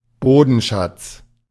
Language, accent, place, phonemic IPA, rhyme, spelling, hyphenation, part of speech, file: German, Germany, Berlin, /ˈboːdn̩ˌʃat͡s/, -ats, Bodenschatz, Bo‧den‧schatz, noun, De-Bodenschatz.ogg
- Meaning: mineral resource